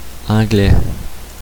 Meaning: 1. English person; Englishman 2. an Anglo-American or English speaker, as opposed to someone with French ancestry
- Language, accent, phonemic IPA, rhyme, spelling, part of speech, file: French, Canada, /ɑ̃.ɡlɛ/, -ɛ, Anglais, noun, Qc-Anglais.oga